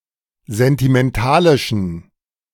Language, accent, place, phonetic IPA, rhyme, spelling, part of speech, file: German, Germany, Berlin, [zɛntimɛnˈtaːlɪʃn̩], -aːlɪʃn̩, sentimentalischen, adjective, De-sentimentalischen.ogg
- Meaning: inflection of sentimentalisch: 1. strong genitive masculine/neuter singular 2. weak/mixed genitive/dative all-gender singular 3. strong/weak/mixed accusative masculine singular 4. strong dative plural